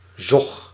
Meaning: 1. mother's milk 2. suction, wake
- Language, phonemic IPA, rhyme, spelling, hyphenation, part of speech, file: Dutch, /zɔx/, -ɔx, zog, zog, noun, Nl-zog.ogg